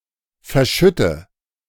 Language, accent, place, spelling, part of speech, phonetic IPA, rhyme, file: German, Germany, Berlin, verschütte, verb, [fɛɐ̯ˈʃʏtə], -ʏtə, De-verschütte.ogg
- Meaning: inflection of verschütten: 1. first-person singular present 2. singular imperative 3. first/third-person singular subjunctive I